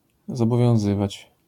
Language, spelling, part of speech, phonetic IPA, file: Polish, zobowiązywać, verb, [ˌzɔbɔvʲjɔ̃w̃ˈzɨvat͡ɕ], LL-Q809 (pol)-zobowiązywać.wav